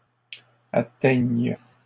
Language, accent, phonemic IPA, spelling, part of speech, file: French, Canada, /a.tɛɲ/, atteignes, verb, LL-Q150 (fra)-atteignes.wav
- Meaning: second-person singular present subjunctive of atteindre